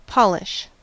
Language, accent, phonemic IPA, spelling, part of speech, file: English, US, /ˈpɑ.lɪʃ/, polish, noun / verb, En-us-polish.ogg
- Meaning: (noun) 1. A substance used to polish 2. Cleanliness; smoothness, shininess 3. Refinement; cleanliness in performance or presentation